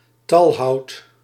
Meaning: long, slender pieces of wood cut or shredded from branches and trunks, often stored or transported in bundles, sold in large quantities
- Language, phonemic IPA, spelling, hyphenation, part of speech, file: Dutch, /ˈtɑl.ɦɑu̯t/, talhout, tal‧hout, noun, Nl-talhout.ogg